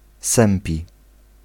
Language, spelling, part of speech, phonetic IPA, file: Polish, sępi, adjective / verb, [ˈsɛ̃mpʲi], Pl-sępi.ogg